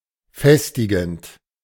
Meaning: present participle of festigen
- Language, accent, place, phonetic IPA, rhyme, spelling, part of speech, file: German, Germany, Berlin, [ˈfɛstɪɡn̩t], -ɛstɪɡn̩t, festigend, verb, De-festigend.ogg